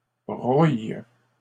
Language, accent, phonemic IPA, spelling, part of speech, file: French, Canada, /bʁuj/, brouille, noun / verb, LL-Q150 (fra)-brouille.wav
- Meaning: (noun) quarrel, tiff; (verb) inflection of brouiller: 1. first/third-person singular present indicative/subjunctive 2. second-person singular imperative